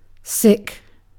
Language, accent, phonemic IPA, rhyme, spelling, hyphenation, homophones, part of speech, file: English, UK, /ˈsɪk/, -ɪk, sick, sick, sic / Sikh, adjective / noun / verb, En-uk-sick.ogg
- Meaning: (adjective) 1. In poor health; ill 2. In poor health; ill.: [with with] Afflicted by (a specific condition, usually medical) 3. Having an urge to vomit 4. Mentally unstable, disturbed 5. In bad taste